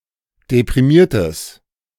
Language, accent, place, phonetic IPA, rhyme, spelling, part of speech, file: German, Germany, Berlin, [depʁiˈmiːɐ̯təs], -iːɐ̯təs, deprimiertes, adjective, De-deprimiertes.ogg
- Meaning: strong/mixed nominative/accusative neuter singular of deprimiert